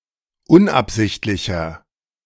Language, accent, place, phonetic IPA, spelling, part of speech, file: German, Germany, Berlin, [ˈʊnʔapˌzɪçtlɪçɐ], unabsichtlicher, adjective, De-unabsichtlicher.ogg
- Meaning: 1. comparative degree of unabsichtlich 2. inflection of unabsichtlich: strong/mixed nominative masculine singular 3. inflection of unabsichtlich: strong genitive/dative feminine singular